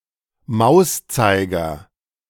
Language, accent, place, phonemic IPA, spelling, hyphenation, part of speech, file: German, Germany, Berlin, /ˈmaʊ̯sˌt͡saɪ̯ɡɐ/, Mauszeiger, Maus‧zei‧ger, noun, De-Mauszeiger.ogg
- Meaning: mouse cursor